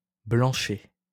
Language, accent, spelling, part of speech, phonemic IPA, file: French, France, blanchet, adjective / noun, /blɑ̃.ʃɛ/, LL-Q150 (fra)-blanchet.wav
- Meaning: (adjective) whitish; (noun) a grey, woolen cloth